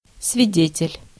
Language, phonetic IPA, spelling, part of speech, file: Russian, [svʲɪˈdʲetʲɪlʲ], свидетель, noun, Ru-свидетель.ogg
- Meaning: eyewitness, witness (one who has a personal knowledge of something)